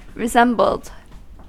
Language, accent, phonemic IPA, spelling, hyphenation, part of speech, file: English, US, /ɹɪˈzɛmbl̩d/, resembled, re‧sem‧bled, verb, En-us-resembled.ogg
- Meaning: simple past and past participle of resemble